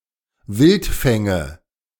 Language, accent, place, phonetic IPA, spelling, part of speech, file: German, Germany, Berlin, [ˈvɪltˌfɛŋə], Wildfänge, noun, De-Wildfänge.ogg
- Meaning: nominative/accusative/genitive plural of Wildfang